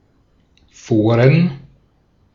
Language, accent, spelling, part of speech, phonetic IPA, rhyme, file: German, Austria, Foren, noun, [ˈfoːʁən], -oːʁən, De-at-Foren.ogg
- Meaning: plural of Forum